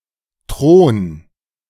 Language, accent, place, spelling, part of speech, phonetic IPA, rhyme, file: German, Germany, Berlin, Thron, noun, [tʁoːn], -oːn, De-Thron.ogg
- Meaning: 1. throne 2. the monarchy